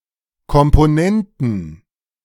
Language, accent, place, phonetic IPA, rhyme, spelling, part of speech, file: German, Germany, Berlin, [kɔmpoˈnɛntn̩], -ɛntn̩, Komponenten, noun, De-Komponenten.ogg
- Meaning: plural of Komponente